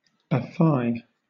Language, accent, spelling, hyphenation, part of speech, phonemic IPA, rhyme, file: English, Southern England, affy, af‧fy, verb, /əˈfaɪ/, -aɪ, LL-Q1860 (eng)-affy.wav
- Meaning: 1. To have faith in (someone); to trust 2. Chiefly followed by that or to: to formally affirm or promise (something)